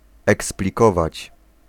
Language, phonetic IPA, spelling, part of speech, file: Polish, [ˌɛksplʲiˈkɔvat͡ɕ], eksplikować, verb, Pl-eksplikować.ogg